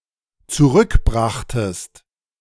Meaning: second-person singular dependent preterite of zurückbringen
- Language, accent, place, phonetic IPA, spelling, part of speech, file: German, Germany, Berlin, [t͡suˈʁʏkˌbʁaxtəst], zurückbrachtest, verb, De-zurückbrachtest.ogg